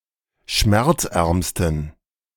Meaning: 1. superlative degree of schmerzarm 2. inflection of schmerzarm: strong genitive masculine/neuter singular superlative degree
- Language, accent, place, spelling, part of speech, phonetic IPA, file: German, Germany, Berlin, schmerzärmsten, adjective, [ˈʃmɛʁt͡sˌʔɛʁmstn̩], De-schmerzärmsten.ogg